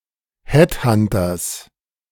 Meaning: genitive singular of Headhunter
- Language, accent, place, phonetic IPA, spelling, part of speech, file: German, Germany, Berlin, [ˈhɛtˌhantɐs], Headhunters, noun, De-Headhunters.ogg